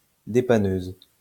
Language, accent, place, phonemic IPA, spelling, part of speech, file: French, France, Lyon, /de.pa.nøz/, dépanneuse, noun, LL-Q150 (fra)-dépanneuse.wav
- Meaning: breakdown lorry, tow truck